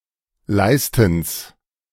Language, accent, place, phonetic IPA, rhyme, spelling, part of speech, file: German, Germany, Berlin, [ˈlaɪ̯stn̩s], -aɪ̯stn̩s, Leistens, noun, De-Leistens.ogg
- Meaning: genitive singular of Leisten